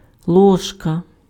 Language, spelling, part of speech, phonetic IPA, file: Ukrainian, ложка, noun, [ˈɫɔʒkɐ], Uk-ложка.ogg
- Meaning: 1. spoon (scooped utensil for eating or serving) 2. spoonful (of)